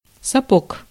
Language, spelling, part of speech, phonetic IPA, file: Russian, сапог, noun, [sɐˈpok], Ru-сапог.ogg
- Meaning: boot